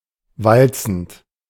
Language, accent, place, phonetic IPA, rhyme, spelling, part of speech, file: German, Germany, Berlin, [ˈvalt͡sn̩t], -alt͡sn̩t, walzend, verb, De-walzend.ogg
- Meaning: present participle of walzen